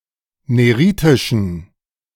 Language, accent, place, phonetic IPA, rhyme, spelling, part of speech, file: German, Germany, Berlin, [ˌneˈʁiːtɪʃn̩], -iːtɪʃn̩, neritischen, adjective, De-neritischen.ogg
- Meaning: inflection of neritisch: 1. strong genitive masculine/neuter singular 2. weak/mixed genitive/dative all-gender singular 3. strong/weak/mixed accusative masculine singular 4. strong dative plural